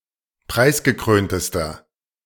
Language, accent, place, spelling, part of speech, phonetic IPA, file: German, Germany, Berlin, preisgekröntester, adjective, [ˈpʁaɪ̯sɡəˌkʁøːntəstɐ], De-preisgekröntester.ogg
- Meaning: inflection of preisgekrönt: 1. strong/mixed nominative masculine singular superlative degree 2. strong genitive/dative feminine singular superlative degree 3. strong genitive plural superlative degree